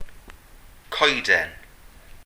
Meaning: singulative of coed (“trees”)
- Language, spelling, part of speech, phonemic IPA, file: Welsh, coeden, noun, /ˈkɔi̯dɛn/, Cy-coeden.ogg